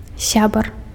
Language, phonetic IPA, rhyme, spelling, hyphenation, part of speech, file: Belarusian, [ˈsʲabar], -abar, сябар, ся‧бар, noun, Be-сябар.ogg
- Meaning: friend